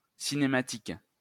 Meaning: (noun) 1. kinematics 2. cutscene; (adjective) kinematic
- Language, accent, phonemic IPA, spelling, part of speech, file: French, France, /si.ne.ma.tik/, cinématique, noun / adjective, LL-Q150 (fra)-cinématique.wav